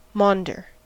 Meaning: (verb) 1. To speak in a disorganized or desultory manner; to babble or prattle 2. To wander or walk aimlessly 3. To beg; to whine like a beggar; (noun) A beggar
- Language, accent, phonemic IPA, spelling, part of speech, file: English, US, /ˈmɔndɚ/, maunder, verb / noun, En-us-maunder.ogg